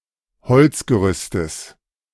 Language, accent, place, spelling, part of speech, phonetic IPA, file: German, Germany, Berlin, Holzgerüstes, noun, [ˈhɔlt͡sɡəˌʁʏstəs], De-Holzgerüstes.ogg
- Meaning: genitive singular of Holzgerüst